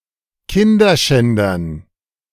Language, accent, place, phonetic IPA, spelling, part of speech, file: German, Germany, Berlin, [ˈkɪndɐˌʃɛndɐn], Kinderschändern, noun, De-Kinderschändern.ogg
- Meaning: dative plural of Kinderschänder